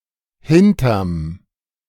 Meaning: contraction of hinter + dem
- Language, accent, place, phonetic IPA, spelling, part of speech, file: German, Germany, Berlin, [ˈhɪntɐm], hinterm, abbreviation, De-hinterm.ogg